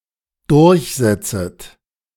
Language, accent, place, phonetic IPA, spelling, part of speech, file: German, Germany, Berlin, [ˈdʊʁçˌzɛt͡sət], durchsetzet, verb, De-durchsetzet.ogg
- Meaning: second-person plural dependent subjunctive I of durchsetzen